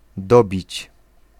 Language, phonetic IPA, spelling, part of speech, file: Polish, [ˈdɔbʲit͡ɕ], dobić, verb, Pl-dobić.ogg